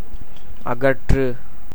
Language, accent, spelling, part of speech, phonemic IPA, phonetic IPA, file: Tamil, India, அகற்று, verb, /ɐɡɐrːɯ/, [ɐɡɐtrɯ], Ta-அகற்று.ogg
- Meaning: 1. to remove, expel, banish 2. to widen, broaden, extend